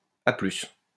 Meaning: alternative form of à plus. cul8r; ttyl
- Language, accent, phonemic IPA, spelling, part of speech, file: French, France, /a plys/, a+, interjection, LL-Q150 (fra)-a+.wav